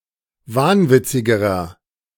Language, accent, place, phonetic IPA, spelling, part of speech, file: German, Germany, Berlin, [ˈvaːnˌvɪt͡sɪɡəʁɐ], wahnwitzigerer, adjective, De-wahnwitzigerer.ogg
- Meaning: inflection of wahnwitzig: 1. strong/mixed nominative masculine singular comparative degree 2. strong genitive/dative feminine singular comparative degree 3. strong genitive plural comparative degree